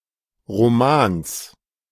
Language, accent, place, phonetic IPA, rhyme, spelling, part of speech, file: German, Germany, Berlin, [ʁoˈmaːns], -aːns, Romans, noun, De-Romans.ogg
- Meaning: genitive singular of Roman